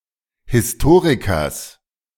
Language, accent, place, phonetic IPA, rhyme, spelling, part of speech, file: German, Germany, Berlin, [hɪsˈtoːʁɪkɐs], -oːʁɪkɐs, Historikers, noun, De-Historikers.ogg
- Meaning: genitive singular of Historiker